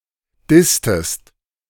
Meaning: inflection of dissen: 1. second-person singular preterite 2. second-person singular subjunctive II
- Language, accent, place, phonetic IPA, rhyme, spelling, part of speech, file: German, Germany, Berlin, [ˈdɪstəst], -ɪstəst, disstest, verb, De-disstest.ogg